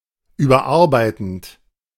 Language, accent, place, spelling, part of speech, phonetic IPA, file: German, Germany, Berlin, überarbeitend, verb, [ˌyːbɐˈʔaʁbaɪ̯tn̩t], De-überarbeitend.ogg
- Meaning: present participle of überarbeiten